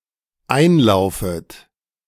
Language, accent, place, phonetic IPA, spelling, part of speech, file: German, Germany, Berlin, [ˈaɪ̯nˌlaʊ̯fət], einlaufet, verb, De-einlaufet.ogg
- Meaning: second-person plural dependent subjunctive I of einlaufen